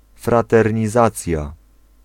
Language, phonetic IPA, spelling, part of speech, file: Polish, [ˌfratɛrʲɲiˈzat͡sʲja], fraternizacja, noun, Pl-fraternizacja.ogg